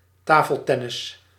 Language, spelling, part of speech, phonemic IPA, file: Dutch, tafeltennis, noun, /ˈtaːfəlˌtɛnɪs/, Nl-tafeltennis.ogg
- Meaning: table tennis, ping pong